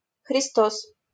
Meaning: Christ
- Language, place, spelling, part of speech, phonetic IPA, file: Russian, Saint Petersburg, Христос, proper noun, [xrʲɪˈstos], LL-Q7737 (rus)-Христос.wav